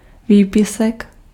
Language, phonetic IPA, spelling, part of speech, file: Czech, [ˈviːpɪsɛk], výpisek, noun, Cs-výpisek.ogg
- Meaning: excerpt, extract